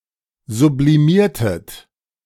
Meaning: inflection of sublimieren: 1. second-person plural preterite 2. second-person plural subjunctive II
- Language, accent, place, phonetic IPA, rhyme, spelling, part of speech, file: German, Germany, Berlin, [zubliˈmiːɐ̯tət], -iːɐ̯tət, sublimiertet, verb, De-sublimiertet.ogg